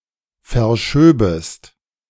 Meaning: second-person singular subjunctive II of verschieben
- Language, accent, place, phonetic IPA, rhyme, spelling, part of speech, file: German, Germany, Berlin, [fɛɐ̯ˈʃøːbəst], -øːbəst, verschöbest, verb, De-verschöbest.ogg